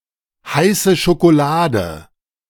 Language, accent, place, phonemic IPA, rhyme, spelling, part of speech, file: German, Germany, Berlin, /ˈhaɪ̯sə ʃokoˈlaːdə/, -aːdə, heiße Schokolade, noun, De-heiße Schokolade.ogg
- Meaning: hot chocolate, cocoa